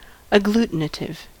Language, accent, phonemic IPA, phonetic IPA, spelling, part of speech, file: English, US, /əˈɡluːtɪnətɪv/, [əˈɡɫut̚nəɾɪv], agglutinative, adjective / noun, En-us-agglutinative.ogg
- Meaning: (adjective) 1. Sticky, tacky, adhesive 2. Having words derived by combining parts, each with a separate meaning; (noun) A sticky material; an adhesive